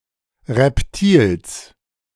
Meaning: genitive singular of Reptil
- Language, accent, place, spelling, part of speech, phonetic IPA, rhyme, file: German, Germany, Berlin, Reptils, noun, [ʁɛpˈtiːls], -iːls, De-Reptils.ogg